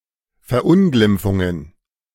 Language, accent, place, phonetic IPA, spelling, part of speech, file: German, Germany, Berlin, [fɛɐ̯ˈʔʊnɡlɪmp͡fʊŋən], Verunglimpfungen, noun, De-Verunglimpfungen.ogg
- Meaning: plural of Verunglimpfung